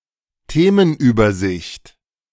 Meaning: topic overview, topic list
- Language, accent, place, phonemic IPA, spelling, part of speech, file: German, Germany, Berlin, /ˈteːmənˌyːbɐzɪçt/, Themenübersicht, noun, De-Themenübersicht.ogg